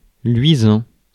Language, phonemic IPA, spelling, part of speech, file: French, /lɥi.zɑ̃/, luisant, verb / adjective, Fr-luisant.ogg
- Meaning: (verb) present participle of luire; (adjective) gleaming, glistening